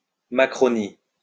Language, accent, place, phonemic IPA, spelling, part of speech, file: French, France, Lyon, /ma.kʁɔ.ni/, Macronie, proper noun / noun, LL-Q150 (fra)-Macronie.wav
- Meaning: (proper noun) France under the presidency of Emmanuel Macron; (noun) 1. Macron's associates or inner circle 2. Macron's supporters